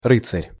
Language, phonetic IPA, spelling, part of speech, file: Russian, [ˈrɨt͡sərʲ], рыцарь, noun, Ru-рыцарь.ogg
- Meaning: 1. knight (a medieval Western European nobleman serving as an armored and mounted warrior; a person on whom knighthood has been conferred) 2. knight, cavalier, gallant (a brave and chivalrous man)